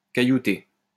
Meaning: to metal (a road)
- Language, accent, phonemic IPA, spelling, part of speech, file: French, France, /ka.ju.te/, caillouter, verb, LL-Q150 (fra)-caillouter.wav